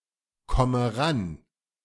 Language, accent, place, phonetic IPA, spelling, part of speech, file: German, Germany, Berlin, [ˌkɔmə ˈʁan], komme ran, verb, De-komme ran.ogg
- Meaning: inflection of rankommen: 1. first-person singular present 2. first/third-person singular subjunctive I 3. singular imperative